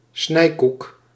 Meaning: a type of spiced cake without succade commonly consumed in the Low Countries
- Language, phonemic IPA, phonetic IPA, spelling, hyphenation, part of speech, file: Dutch, /ˈsnɛi̯.kuk/, [ˈs̠nɛi̯.kuk], snijkoek, snij‧koek, noun, Nl-snijkoek.ogg